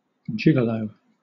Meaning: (noun) 1. A man funded by women who find him attractive, particularly 2. A man funded by women who find him attractive, particularly: A hired escort or dancing partner
- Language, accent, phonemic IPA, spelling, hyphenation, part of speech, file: English, Southern England, /ˈd͡ʒɪɡ.ə.ləʊ/, gigolo, gig‧o‧lo, noun / verb, LL-Q1860 (eng)-gigolo.wav